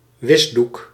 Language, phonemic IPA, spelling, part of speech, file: Dutch, /ˈwɪzduk/, wisdoek, noun, Nl-wisdoek.ogg
- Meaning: dishcloth